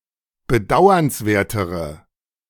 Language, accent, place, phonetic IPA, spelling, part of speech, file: German, Germany, Berlin, [bəˈdaʊ̯ɐnsˌveːɐ̯təʁə], bedauernswertere, adjective, De-bedauernswertere.ogg
- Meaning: inflection of bedauernswert: 1. strong/mixed nominative/accusative feminine singular comparative degree 2. strong nominative/accusative plural comparative degree